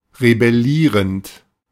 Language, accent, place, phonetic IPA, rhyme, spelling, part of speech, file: German, Germany, Berlin, [ʁebɛˈliːʁənt], -iːʁənt, rebellierend, adjective / verb, De-rebellierend.ogg
- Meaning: present participle of rebellieren